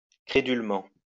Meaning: credulously, gullibly
- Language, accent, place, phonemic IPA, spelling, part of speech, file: French, France, Lyon, /kʁe.dyl.mɑ̃/, crédulement, adverb, LL-Q150 (fra)-crédulement.wav